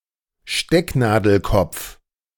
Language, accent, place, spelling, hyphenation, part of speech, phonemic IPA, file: German, Germany, Berlin, Stecknadelkopf, Steck‧na‧del‧kopf, noun, /ˈʃtɛknaːdl̩ˌkɔp͡f/, De-Stecknadelkopf.ogg
- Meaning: pinhead (often used in size comparisons)